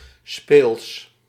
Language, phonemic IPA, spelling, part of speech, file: Dutch, /speːls/, speels, adjective, Nl-speels.ogg
- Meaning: 1. casual, relaxed 2. playful